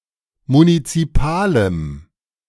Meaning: strong dative masculine/neuter singular of munizipal
- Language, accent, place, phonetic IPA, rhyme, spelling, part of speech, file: German, Germany, Berlin, [munit͡siˈpaːləm], -aːləm, munizipalem, adjective, De-munizipalem.ogg